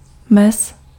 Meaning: 1. limit 2. balk (narrow strip of uncultivated land between cultivated fields)
- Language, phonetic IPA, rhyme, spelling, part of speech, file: Czech, [ˈmɛs], -ɛs, mez, noun, Cs-mez.ogg